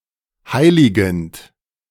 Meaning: present participle of heiligen
- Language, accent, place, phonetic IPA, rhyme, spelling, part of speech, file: German, Germany, Berlin, [ˈhaɪ̯lɪɡn̩t], -aɪ̯lɪɡn̩t, heiligend, verb, De-heiligend.ogg